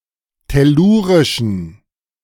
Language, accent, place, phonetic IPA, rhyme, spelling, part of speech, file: German, Germany, Berlin, [tɛˈluːʁɪʃn̩], -uːʁɪʃn̩, tellurischen, adjective, De-tellurischen.ogg
- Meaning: inflection of tellurisch: 1. strong genitive masculine/neuter singular 2. weak/mixed genitive/dative all-gender singular 3. strong/weak/mixed accusative masculine singular 4. strong dative plural